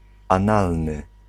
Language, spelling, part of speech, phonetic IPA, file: Polish, analny, adjective, [ãˈnalnɨ], Pl-analny.ogg